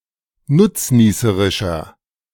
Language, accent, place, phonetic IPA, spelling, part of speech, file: German, Germany, Berlin, [ˈnʊt͡sˌniːsəʁɪʃɐ], nutznießerischer, adjective, De-nutznießerischer.ogg
- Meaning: inflection of nutznießerisch: 1. strong/mixed nominative masculine singular 2. strong genitive/dative feminine singular 3. strong genitive plural